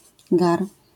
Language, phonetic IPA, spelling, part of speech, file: Polish, [ɡar], gar, noun, LL-Q809 (pol)-gar.wav